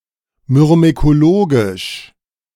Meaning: myrmecological
- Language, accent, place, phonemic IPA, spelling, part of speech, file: German, Germany, Berlin, /mʏʁmekoˈloːɡɪʃ/, myrmekologisch, adjective, De-myrmekologisch.ogg